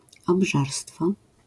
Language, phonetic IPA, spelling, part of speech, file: Polish, [ɔbˈʒarstfɔ], obżarstwo, noun, LL-Q809 (pol)-obżarstwo.wav